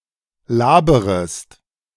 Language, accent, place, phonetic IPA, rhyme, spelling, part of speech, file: German, Germany, Berlin, [ˈlaːbəʁəst], -aːbəʁəst, laberest, verb, De-laberest.ogg
- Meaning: second-person singular subjunctive I of labern